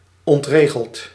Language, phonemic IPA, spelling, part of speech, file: Dutch, /ɔntˈreɣəlt/, ontregeld, verb / adjective, Nl-ontregeld.ogg
- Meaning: past participle of ontregelen